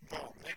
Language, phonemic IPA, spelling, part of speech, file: Norwegian Bokmål, /ˈʋɑ̂nlɪ/, vanlig, adjective, No-vanlig.ogg
- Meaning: 1. common, usual, typical 2. ordinary